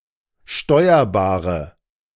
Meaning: inflection of steuerbar: 1. strong/mixed nominative/accusative feminine singular 2. strong nominative/accusative plural 3. weak nominative all-gender singular
- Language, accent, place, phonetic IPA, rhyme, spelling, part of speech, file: German, Germany, Berlin, [ˈʃtɔɪ̯ɐbaːʁə], -ɔɪ̯ɐbaːʁə, steuerbare, adjective, De-steuerbare.ogg